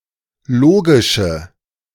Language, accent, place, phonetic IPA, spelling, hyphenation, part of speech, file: German, Germany, Berlin, [ˈloːɡɪʃə], logische, lo‧gi‧sche, adjective, De-logische.ogg
- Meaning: inflection of logisch: 1. strong/mixed nominative/accusative feminine singular 2. strong nominative/accusative plural 3. weak nominative all-gender singular 4. weak accusative feminine/neuter singular